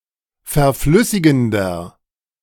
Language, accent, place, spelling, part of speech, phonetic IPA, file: German, Germany, Berlin, verflüssigender, adjective, [fɛɐ̯ˈflʏsɪɡn̩dɐ], De-verflüssigender.ogg
- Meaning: inflection of verflüssigend: 1. strong/mixed nominative masculine singular 2. strong genitive/dative feminine singular 3. strong genitive plural